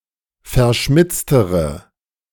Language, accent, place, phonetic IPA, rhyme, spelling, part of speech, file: German, Germany, Berlin, [fɛɐ̯ˈʃmɪt͡stəʁə], -ɪt͡stəʁə, verschmitztere, adjective, De-verschmitztere.ogg
- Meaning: inflection of verschmitzt: 1. strong/mixed nominative/accusative feminine singular comparative degree 2. strong nominative/accusative plural comparative degree